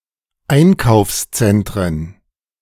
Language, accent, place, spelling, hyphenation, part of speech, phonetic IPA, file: German, Germany, Berlin, Einkaufszentren, Ein‧kaufs‧zen‧t‧ren, noun, [ˈaɪ̯nkaʊ̯fsˌt͡sɛntʁən], De-Einkaufszentren.ogg
- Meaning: plural of Einkaufszentrum